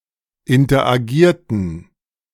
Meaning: inflection of interagieren: 1. first/third-person plural preterite 2. first/third-person plural subjunctive II
- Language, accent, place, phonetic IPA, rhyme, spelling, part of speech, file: German, Germany, Berlin, [ɪntɐʔaˈɡiːɐ̯tn̩], -iːɐ̯tn̩, interagierten, verb, De-interagierten.ogg